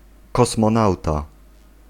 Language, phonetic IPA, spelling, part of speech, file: Polish, [ˌkɔsmɔ̃ˈnawta], kosmonauta, noun, Pl-kosmonauta.ogg